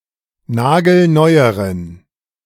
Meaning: inflection of nagelneu: 1. strong genitive masculine/neuter singular comparative degree 2. weak/mixed genitive/dative all-gender singular comparative degree
- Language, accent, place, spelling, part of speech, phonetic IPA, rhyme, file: German, Germany, Berlin, nagelneueren, adjective, [ˈnaːɡl̩ˈnɔɪ̯əʁən], -ɔɪ̯əʁən, De-nagelneueren.ogg